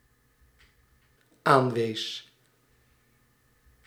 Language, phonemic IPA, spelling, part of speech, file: Dutch, /ˈaɱwes/, aanwees, verb, Nl-aanwees.ogg
- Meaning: singular dependent-clause past indicative of aanwijzen